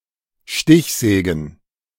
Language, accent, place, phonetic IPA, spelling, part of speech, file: German, Germany, Berlin, [ˈʃtɪçˌzɛːɡn̩], Stichsägen, noun, De-Stichsägen.ogg
- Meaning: plural of Stichsäge